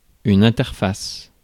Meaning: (noun) interface; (verb) inflection of interfacer: 1. first/third-person singular present indicative/subjunctive 2. second-person singular imperative
- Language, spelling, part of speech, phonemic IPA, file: French, interface, noun / verb, /ɛ̃.tɛʁ.fas/, Fr-interface.ogg